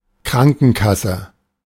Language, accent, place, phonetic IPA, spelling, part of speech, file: German, Germany, Berlin, [ˈkʁaŋkənˌkasə], Krankenkasse, noun, De-Krankenkasse.ogg
- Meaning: health insurance company